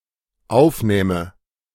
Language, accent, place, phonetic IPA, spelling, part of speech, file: German, Germany, Berlin, [ˈaʊ̯fˌnɛːmə], aufnähme, verb, De-aufnähme.ogg
- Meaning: first/third-person singular dependent subjunctive II of aufnehmen